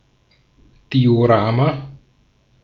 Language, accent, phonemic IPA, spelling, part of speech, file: German, Austria, /diːoˈʀaːma/, Diorama, noun, De-at-Diorama.ogg
- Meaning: diorama